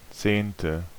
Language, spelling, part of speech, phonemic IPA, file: German, zehnte, numeral, /tseːntə/, De-zehnte.ogg
- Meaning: tenth